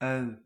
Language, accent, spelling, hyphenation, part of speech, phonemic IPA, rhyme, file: Dutch, Belgium, ui, ui, noun, /œy̯/, -œy̯, Nl-ui.ogg
- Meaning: 1. onion (Allium cepa) 2. Nickname for someone from Rijnsburg